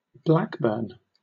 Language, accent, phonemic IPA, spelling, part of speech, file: English, Southern England, /ˈblækbəːn/, Blackburn, proper noun, LL-Q1860 (eng)-Blackburn.wav
- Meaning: A placename: 1. A large town in Blackburn with Darwen district, Lancashire, England 2. A village in Aberdeenshire council area, Scotland (OS grid ref NJ8212)